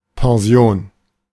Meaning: 1. boarding house, pension 2. retirement benefit, old age pension 3. retirement
- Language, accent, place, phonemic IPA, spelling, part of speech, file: German, Germany, Berlin, /pɛnˈzi̯oːn/, Pension, noun, De-Pension.ogg